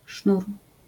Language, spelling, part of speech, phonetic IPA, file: Polish, sznur, noun, [ʃnur], LL-Q809 (pol)-sznur.wav